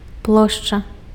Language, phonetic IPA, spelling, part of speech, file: Belarusian, [ˈpɫoʂt͡ʂa], плошча, noun, Be-плошча.ogg
- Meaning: 1. area 2. square, plaza